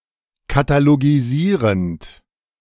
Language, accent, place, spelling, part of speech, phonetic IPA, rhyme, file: German, Germany, Berlin, katalogisierend, verb, [kataloɡiˈziːʁənt], -iːʁənt, De-katalogisierend.ogg
- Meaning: present participle of katalogisieren